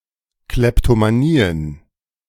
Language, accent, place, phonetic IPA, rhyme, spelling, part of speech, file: German, Germany, Berlin, [ˌklɛptomaˈniːən], -iːən, Kleptomanien, noun, De-Kleptomanien.ogg
- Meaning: plural of Kleptomanie